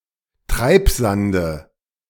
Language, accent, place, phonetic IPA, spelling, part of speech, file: German, Germany, Berlin, [ˈtʁaɪ̯pˌzandə], Treibsande, noun, De-Treibsande.ogg
- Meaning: nominative/accusative/genitive plural of Treibsand